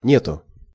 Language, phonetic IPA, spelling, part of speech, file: Russian, [ˈnʲetʊ], нету, particle / interjection, Ru-нету.ogg
- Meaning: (particle) there is no, there are no; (interjection) no